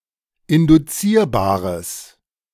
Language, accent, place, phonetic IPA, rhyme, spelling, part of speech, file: German, Germany, Berlin, [ɪndʊˈt͡siːɐ̯baːʁəs], -iːɐ̯baːʁəs, induzierbares, adjective, De-induzierbares.ogg
- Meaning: strong/mixed nominative/accusative neuter singular of induzierbar